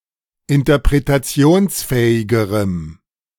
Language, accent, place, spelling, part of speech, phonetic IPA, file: German, Germany, Berlin, interpretationsfähigerem, adjective, [ɪntɐpʁetaˈt͡si̯oːnsˌfɛːɪɡəʁəm], De-interpretationsfähigerem.ogg
- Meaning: strong dative masculine/neuter singular comparative degree of interpretationsfähig